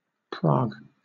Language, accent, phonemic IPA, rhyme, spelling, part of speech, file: English, Southern England, /pɹɑːɡ/, -ɑːɡ, Prague, proper noun, LL-Q1860 (eng)-Prague.wav
- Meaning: 1. The capital city of the Czech Republic; the former capital of Czechoslovakia; the former capital of the Kingdom of Bohemia 2. The Czech government